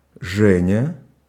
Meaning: a diminutive, Zhenya, of the male given name Евге́ний (Jevgénij), equivalent to English Gene or Genie
- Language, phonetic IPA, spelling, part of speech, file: Russian, [ˈʐɛnʲə], Женя, proper noun, Ru-Женя.ogg